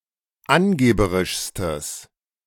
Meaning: strong/mixed nominative/accusative neuter singular superlative degree of angeberisch
- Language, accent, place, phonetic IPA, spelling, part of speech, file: German, Germany, Berlin, [ˈanˌɡeːbəʁɪʃstəs], angeberischstes, adjective, De-angeberischstes.ogg